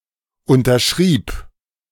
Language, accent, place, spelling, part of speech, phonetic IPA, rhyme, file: German, Germany, Berlin, unterschrieb, verb, [ˌʊntɐˈʃʁiːp], -iːp, De-unterschrieb.ogg
- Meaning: first/third-person singular preterite of unterschreiben